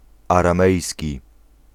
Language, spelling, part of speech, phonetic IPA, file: Polish, aramejski, adjective / noun, [ˌarãˈmɛjsʲci], Pl-aramejski.ogg